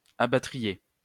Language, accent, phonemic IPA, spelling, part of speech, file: French, France, /a.ba.tʁi.je/, abattriez, verb, LL-Q150 (fra)-abattriez.wav
- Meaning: second-person plural conditional of abattre